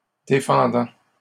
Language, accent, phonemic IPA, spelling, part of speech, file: French, Canada, /de.fɑ̃.dɑ̃/, défendant, verb, LL-Q150 (fra)-défendant.wav
- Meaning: present participle of défendre